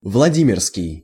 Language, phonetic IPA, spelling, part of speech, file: Russian, [vɫɐˈdʲimʲɪrskʲɪj], владимирский, adjective, Ru-владимирский.ogg
- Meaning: Vladimir (city in Russia)